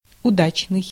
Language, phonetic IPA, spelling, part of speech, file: Russian, [ʊˈdat͡ɕnɨj], удачный, adjective, Ru-удачный.ogg
- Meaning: 1. successful 2. fortunate 3. lucky, prosperous 4. felicitous, happy 5. fortuitous 6. chancy 7. apposite (appropriate, relevant, well-suited) 8. well-turned